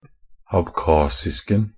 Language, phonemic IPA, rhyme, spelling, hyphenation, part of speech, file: Norwegian Bokmål, /abˈkɑːsɪskn̩/, -ɪskn̩, abkhasisken, ab‧khas‧isk‧en, noun, NB - Pronunciation of Norwegian Bokmål «abkhasisken».ogg
- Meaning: definite singular of abkhasisk